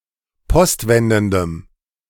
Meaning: strong dative masculine/neuter singular of postwendend
- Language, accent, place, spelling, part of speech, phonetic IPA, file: German, Germany, Berlin, postwendendem, adjective, [ˈpɔstˌvɛndn̩dəm], De-postwendendem.ogg